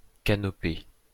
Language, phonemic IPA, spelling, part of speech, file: French, /ka.nɔ.pe/, canopée, noun, LL-Q150 (fra)-canopée.wav
- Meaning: canopy (in forest)